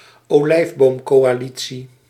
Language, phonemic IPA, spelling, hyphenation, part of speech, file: Dutch, /oːˈlɛi̯f.boːm.koː.aːˌli.(t)si/, olijfboomcoalitie, olijf‧boom‧co‧a‧li‧tie, noun, Nl-olijfboomcoalitie.ogg
- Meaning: a coalition of social democrats, Christian democrats and greens